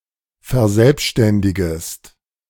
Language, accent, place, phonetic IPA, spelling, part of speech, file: German, Germany, Berlin, [fɛɐ̯ˈzɛlpʃtɛndɪɡəst], verselbständigest, verb, De-verselbständigest.ogg
- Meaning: second-person singular subjunctive I of verselbständigen